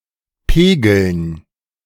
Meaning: dative plural of Pegel
- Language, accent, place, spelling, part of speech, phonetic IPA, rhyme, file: German, Germany, Berlin, Pegeln, noun, [ˈpeːɡl̩n], -eːɡl̩n, De-Pegeln.ogg